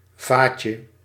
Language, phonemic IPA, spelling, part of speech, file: Dutch, /ˈvacə/, vaatje, noun, Nl-vaatje.ogg
- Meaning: diminutive of vat